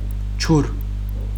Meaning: water
- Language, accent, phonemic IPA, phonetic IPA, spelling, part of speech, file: Armenian, Western Armenian, /t͡ʃuɾ/, [t͡ʃʰuɾ], ջուր, noun, HyW-ջուր.ogg